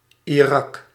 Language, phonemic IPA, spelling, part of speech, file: Dutch, /iˈrɑk/, Irak, proper noun, Nl-Irak.ogg
- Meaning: Iraq (a country in West Asia in the Middle East)